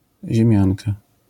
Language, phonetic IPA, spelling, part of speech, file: Polish, [ʑɛ̃ˈmʲjãnka], ziemianka, noun, LL-Q809 (pol)-ziemianka.wav